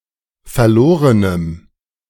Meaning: strong dative masculine/neuter singular of verloren
- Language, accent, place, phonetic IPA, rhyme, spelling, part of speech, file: German, Germany, Berlin, [fɛɐ̯ˈloːʁənəm], -oːʁənəm, verlorenem, adjective, De-verlorenem.ogg